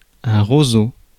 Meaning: 1. common reed (Phragmites australis) 2. any reed 3. quill, feather pen
- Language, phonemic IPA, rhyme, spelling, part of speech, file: French, /ʁo.zo/, -zo, roseau, noun, Fr-roseau.ogg